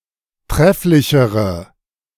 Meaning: inflection of trefflich: 1. strong/mixed nominative/accusative feminine singular comparative degree 2. strong nominative/accusative plural comparative degree
- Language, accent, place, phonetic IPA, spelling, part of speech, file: German, Germany, Berlin, [ˈtʁɛflɪçəʁə], trefflichere, adjective, De-trefflichere.ogg